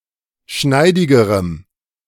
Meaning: strong dative masculine/neuter singular comparative degree of schneidig
- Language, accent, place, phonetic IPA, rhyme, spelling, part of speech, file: German, Germany, Berlin, [ˈʃnaɪ̯dɪɡəʁəm], -aɪ̯dɪɡəʁəm, schneidigerem, adjective, De-schneidigerem.ogg